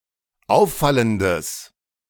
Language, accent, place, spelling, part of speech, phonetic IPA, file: German, Germany, Berlin, auffallendes, adjective, [ˈaʊ̯fˌfaləndəs], De-auffallendes.ogg
- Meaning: strong/mixed nominative/accusative neuter singular of auffallend